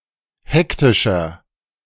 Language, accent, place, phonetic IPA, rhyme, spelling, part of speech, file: German, Germany, Berlin, [ˈhɛktɪʃɐ], -ɛktɪʃɐ, hektischer, adjective, De-hektischer.ogg
- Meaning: 1. comparative degree of hektisch 2. inflection of hektisch: strong/mixed nominative masculine singular 3. inflection of hektisch: strong genitive/dative feminine singular